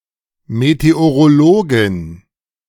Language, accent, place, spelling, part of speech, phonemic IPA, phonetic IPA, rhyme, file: German, Germany, Berlin, Meteorologin, noun, /meteoʁoˈloːɡɪn/, [metʰeoʁoˈloːɡɪn], -oːɡɪn, De-Meteorologin.ogg
- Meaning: female meteorologist